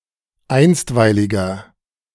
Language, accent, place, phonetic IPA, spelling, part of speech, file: German, Germany, Berlin, [ˈaɪ̯nstvaɪ̯lɪɡɐ], einstweiliger, adjective, De-einstweiliger.ogg
- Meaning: inflection of einstweilig: 1. strong/mixed nominative masculine singular 2. strong genitive/dative feminine singular 3. strong genitive plural